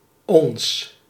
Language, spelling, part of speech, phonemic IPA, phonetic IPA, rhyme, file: Dutch, ons, pronoun / determiner / noun, /ɔns/, [õs], -ɔns, Nl-ons.ogg
- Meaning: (pronoun) 1. us; first-person plural objective personal pronoun 2. ourselves; first-person plural reflexive pronoun; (determiner) our; first-person plural possessive determiner